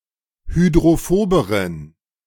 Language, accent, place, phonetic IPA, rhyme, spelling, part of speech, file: German, Germany, Berlin, [hydʁoˈfoːbəʁən], -oːbəʁən, hydrophoberen, adjective, De-hydrophoberen.ogg
- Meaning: inflection of hydrophob: 1. strong genitive masculine/neuter singular comparative degree 2. weak/mixed genitive/dative all-gender singular comparative degree